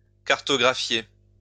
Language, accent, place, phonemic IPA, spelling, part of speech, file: French, France, Lyon, /kaʁ.tɔ.ɡʁa.fje/, cartographier, verb, LL-Q150 (fra)-cartographier.wav
- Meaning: to map, chart